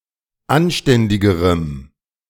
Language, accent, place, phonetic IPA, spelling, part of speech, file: German, Germany, Berlin, [ˈanˌʃtɛndɪɡəʁəm], anständigerem, adjective, De-anständigerem.ogg
- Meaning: strong dative masculine/neuter singular comparative degree of anständig